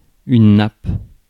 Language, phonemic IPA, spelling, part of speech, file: French, /nap/, nappe, noun / verb, Fr-nappe.ogg
- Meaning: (noun) 1. tablecloth 2. layer (of gas, oil etc.); sheet (of water) 3. ribbon cable; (verb) inflection of napper: first/third-person singular present indicative/subjunctive